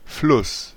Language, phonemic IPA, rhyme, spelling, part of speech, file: German, /flʊs/, -ʊs, Fluss, noun, De-Fluss.ogg
- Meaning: 1. river 2. flow